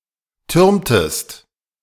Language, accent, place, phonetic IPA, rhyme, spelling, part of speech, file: German, Germany, Berlin, [ˈtʏʁmtəst], -ʏʁmtəst, türmtest, verb, De-türmtest.ogg
- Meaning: inflection of türmen: 1. second-person singular preterite 2. second-person singular subjunctive II